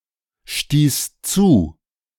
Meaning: first/third-person singular preterite of zustoßen
- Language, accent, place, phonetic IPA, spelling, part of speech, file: German, Germany, Berlin, [ˌʃtiːs ˈt͡suː], stieß zu, verb, De-stieß zu.ogg